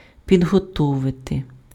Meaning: to prepare, to get ready, to make ready
- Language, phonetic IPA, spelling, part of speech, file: Ukrainian, [pʲidɦɔˈtɔʋete], підготовити, verb, Uk-підготовити.ogg